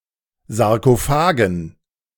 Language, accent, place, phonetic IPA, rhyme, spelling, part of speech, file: German, Germany, Berlin, [zaʁkoˈfaːɡn̩], -aːɡn̩, Sarkophagen, noun, De-Sarkophagen.ogg
- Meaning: dative plural of Sarkophag